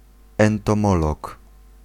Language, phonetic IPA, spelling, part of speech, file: Polish, [ˌɛ̃ntɔ̃ˈmɔlɔk], entomolog, noun, Pl-entomolog.ogg